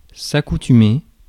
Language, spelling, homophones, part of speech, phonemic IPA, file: French, accoutumer, accoutumai / accoutumé / accoutumée / accoutumées / accoutumés / accoutumez, verb, /a.ku.ty.me/, Fr-accoutumer.ogg
- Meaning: 1. to accustom, get (someone) used (à (“to”), à faire (“to doing”)) 2. to get used to (à)